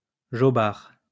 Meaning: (adjective) 1. gullible 2. crazy; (noun) simpleton
- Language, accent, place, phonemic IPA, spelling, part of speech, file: French, France, Lyon, /ʒɔ.baʁ/, jobard, adjective / noun, LL-Q150 (fra)-jobard.wav